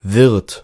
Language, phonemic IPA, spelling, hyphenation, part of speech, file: German, /vɪʁt/, Wirt, Wirt, noun / proper noun, De-Wirt.ogg
- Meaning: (noun) 1. pubkeeper; innkeeper 2. host (someone who receives a guest) 3. host (organism infested with a parasite) 4. agent; caretaker; someone responsible or knowledgeable; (proper noun) a surname